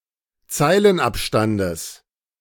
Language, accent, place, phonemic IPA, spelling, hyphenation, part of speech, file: German, Germany, Berlin, /ˈt͡saɪ̯lənˌʔapʃtandəs/, Zeilenabstandes, Zei‧len‧ab‧stan‧des, noun, De-Zeilenabstandes.ogg
- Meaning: genitive singular of Zeilenabstand